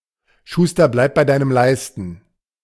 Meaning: cobbler, keep to your last (one should stick to what one knows and has experience with)
- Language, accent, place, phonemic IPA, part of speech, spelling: German, Germany, Berlin, /ˈʃuːstɐ blaɪ̯p baɪ̯ ˈdaɪ̯nəm ˈlaɪ̯stn̩/, proverb, Schuster, bleib bei deinem Leisten